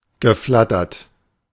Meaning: past participle of flattern
- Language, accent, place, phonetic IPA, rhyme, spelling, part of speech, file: German, Germany, Berlin, [ɡəˈflatɐt], -atɐt, geflattert, verb, De-geflattert.ogg